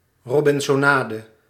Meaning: robinsonade
- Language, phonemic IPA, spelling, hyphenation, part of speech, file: Dutch, /ˈrɔ.bɪn.sɔˌnaː.də/, robinsonade, ro‧bin‧so‧na‧de, noun, Nl-robinsonade.ogg